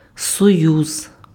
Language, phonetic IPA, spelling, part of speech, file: Ukrainian, [sɔˈjuz], союз, noun, Uk-союз.ogg
- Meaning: 1. union 2. alliance 3. confederation, confederacy 4. league